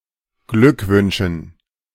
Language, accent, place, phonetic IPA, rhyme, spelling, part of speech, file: German, Germany, Berlin, [ˈɡlʏkˌvʏnʃn̩], -ʏkvʏnʃn̩, Glückwünschen, noun, De-Glückwünschen.ogg
- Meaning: dative plural of Glückwunsch